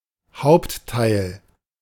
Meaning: principal part, body
- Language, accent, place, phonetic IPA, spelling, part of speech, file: German, Germany, Berlin, [ˈhaʊ̯ptˌtaɪ̯l], Hauptteil, noun, De-Hauptteil.ogg